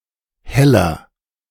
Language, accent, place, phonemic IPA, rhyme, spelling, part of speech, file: German, Germany, Berlin, /ˈhɛlɐ/, -ɛlɐ, Heller, noun, De-Heller.ogg
- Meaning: heller, a coin made of gold or silver used as currency in Germany during the Middle Ages